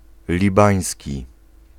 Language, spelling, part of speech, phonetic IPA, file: Polish, libański, adjective, [lʲiˈbãj̃sʲci], Pl-libański.ogg